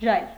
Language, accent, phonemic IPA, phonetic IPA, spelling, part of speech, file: Armenian, Eastern Armenian, /ʒɑjr/, [ʒɑjr], ժայռ, noun, Hy-ժայռ.ogg
- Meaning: cliff, rock, crag